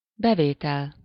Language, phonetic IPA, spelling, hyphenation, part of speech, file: Hungarian, [ˈbɛveːtɛl], bevétel, be‧vé‧tel, noun, Hu-bevétel.ogg
- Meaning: income